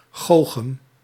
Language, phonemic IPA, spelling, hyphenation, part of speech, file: Dutch, /ˈxoː.xəm/, goochem, goo‧chem, adjective, Nl-goochem.ogg
- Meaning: smart, cunning, streetwise